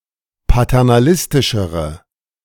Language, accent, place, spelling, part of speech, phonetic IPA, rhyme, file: German, Germany, Berlin, paternalistischere, adjective, [patɛʁnaˈlɪstɪʃəʁə], -ɪstɪʃəʁə, De-paternalistischere.ogg
- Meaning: inflection of paternalistisch: 1. strong/mixed nominative/accusative feminine singular comparative degree 2. strong nominative/accusative plural comparative degree